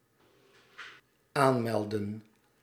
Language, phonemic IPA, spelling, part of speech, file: Dutch, /ˈanmɛldə(n)/, aanmeldden, verb, Nl-aanmeldden.ogg
- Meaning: inflection of aanmelden: 1. plural dependent-clause past indicative 2. plural dependent-clause past subjunctive